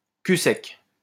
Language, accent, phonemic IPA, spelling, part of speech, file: French, France, /ky sɛk/, cul sec, adverb / interjection, LL-Q150 (fra)-cul sec.wav
- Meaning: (adverb) in one go; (interjection) bottoms up (a toast used when drinking alcohol)